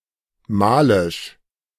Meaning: of Mali; Malian
- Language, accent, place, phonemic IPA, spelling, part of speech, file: German, Germany, Berlin, /ˈmaːlɪʃ/, malisch, adjective, De-malisch.ogg